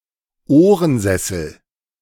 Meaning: wing chair, wingback chair
- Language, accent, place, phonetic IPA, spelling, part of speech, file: German, Germany, Berlin, [ˈoːʁənˌzɛsl̩], Ohrensessel, noun, De-Ohrensessel.ogg